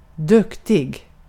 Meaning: good; talented; capable (showing good ability, in a sense that includes both being good at something and being well-behaved)
- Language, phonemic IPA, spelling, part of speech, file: Swedish, /²dɵkːtɪɡ/, duktig, adjective, Sv-duktig.ogg